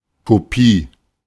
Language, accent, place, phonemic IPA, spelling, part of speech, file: German, Germany, Berlin, /koˈpiː/, Kopie, noun, De-Kopie.ogg
- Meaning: a copy, the result of copying something, a duplicate